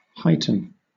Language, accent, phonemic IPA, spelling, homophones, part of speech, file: English, Southern England, /ˈhaɪ̯.tən/, heighten, Huyton, verb, LL-Q1860 (eng)-heighten.wav
- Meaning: 1. To make high; to raise higher; to elevate 2. To advance, increase, augment, make larger, more intense, stronger etc